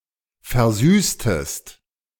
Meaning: inflection of versüßen: 1. second-person singular preterite 2. second-person singular subjunctive II
- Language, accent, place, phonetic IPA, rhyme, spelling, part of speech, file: German, Germany, Berlin, [fɛɐ̯ˈzyːstəst], -yːstəst, versüßtest, verb, De-versüßtest.ogg